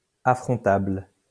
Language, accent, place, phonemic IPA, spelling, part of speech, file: French, France, Lyon, /a.fʁɔ̃.tabl/, affrontable, adjective, LL-Q150 (fra)-affrontable.wav
- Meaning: confrontable